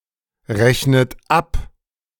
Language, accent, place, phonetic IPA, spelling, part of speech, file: German, Germany, Berlin, [ˌʁɛçnət ˈap], rechnet ab, verb, De-rechnet ab.ogg
- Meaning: inflection of abrechnen: 1. second-person plural present 2. second-person plural subjunctive I 3. third-person singular present 4. plural imperative